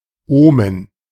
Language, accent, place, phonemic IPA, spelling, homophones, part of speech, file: German, Germany, Berlin, /ˈoːmən/, Omen, Ohmen, noun, De-Omen.ogg
- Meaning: omen